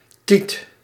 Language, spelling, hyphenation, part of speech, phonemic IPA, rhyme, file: Dutch, tiet, tiet, noun, /tit/, -it, Nl-tiet.ogg
- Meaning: tit, breast